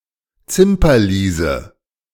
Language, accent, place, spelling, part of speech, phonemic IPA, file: German, Germany, Berlin, Zimperliese, noun, /ˈt͡sɪmpɐˌliːzə/, De-Zimperliese.ogg
- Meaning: sissy